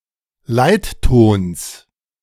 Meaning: genitive singular of Leitton
- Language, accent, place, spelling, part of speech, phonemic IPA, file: German, Germany, Berlin, Leittons, noun, /ˈlaɪ̯t.toːns/, De-Leittons.ogg